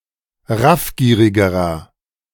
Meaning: inflection of raffgierig: 1. strong/mixed nominative masculine singular comparative degree 2. strong genitive/dative feminine singular comparative degree 3. strong genitive plural comparative degree
- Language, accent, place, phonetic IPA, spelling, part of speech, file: German, Germany, Berlin, [ˈʁafˌɡiːʁɪɡəʁɐ], raffgierigerer, adjective, De-raffgierigerer.ogg